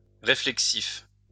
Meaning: reflexive
- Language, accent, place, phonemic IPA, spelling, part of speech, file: French, France, Lyon, /ʁe.flɛk.sif/, réflexif, adjective, LL-Q150 (fra)-réflexif.wav